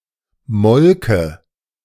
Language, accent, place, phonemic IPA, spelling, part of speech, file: German, Germany, Berlin, /ˈmɔlkə/, Molke, noun, De-Molke.ogg
- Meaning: 1. whey 2. dairy product